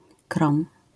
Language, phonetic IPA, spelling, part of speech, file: Polish, [krɔ̃m], krom, preposition, LL-Q809 (pol)-krom.wav